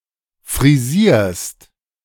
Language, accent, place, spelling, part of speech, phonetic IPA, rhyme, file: German, Germany, Berlin, frisierst, verb, [fʁiˈziːɐ̯st], -iːɐ̯st, De-frisierst.ogg
- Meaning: second-person singular present of frisieren